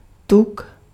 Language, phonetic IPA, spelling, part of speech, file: Czech, [ˈtuk], tuk, noun, Cs-tuk.ogg
- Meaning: fat